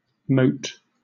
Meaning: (noun) A small particle; a speck; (verb) 1. May or might 2. Must 3. Forming subjunctive expressions of wish: may; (noun) A meeting for discussion
- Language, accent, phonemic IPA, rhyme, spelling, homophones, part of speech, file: English, Southern England, /məʊt/, -əʊt, mote, moat, noun / verb, LL-Q1860 (eng)-mote.wav